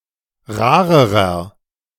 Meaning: inflection of rar: 1. strong/mixed nominative masculine singular comparative degree 2. strong genitive/dative feminine singular comparative degree 3. strong genitive plural comparative degree
- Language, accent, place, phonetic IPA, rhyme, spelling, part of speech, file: German, Germany, Berlin, [ˈʁaːʁəʁɐ], -aːʁəʁɐ, rarerer, adjective, De-rarerer.ogg